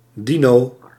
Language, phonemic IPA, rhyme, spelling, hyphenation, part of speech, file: Dutch, /ˈdi.noː/, -inoː, dino, di‧no, noun, Nl-dino.ogg
- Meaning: a dino, a dinosaur; archosaur of the super-order Dinosauria